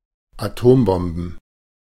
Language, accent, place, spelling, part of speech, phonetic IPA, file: German, Germany, Berlin, Atombomben, noun, [aˈtoːmˌbɔmbn̩], De-Atombomben.ogg
- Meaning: plural of Atombombe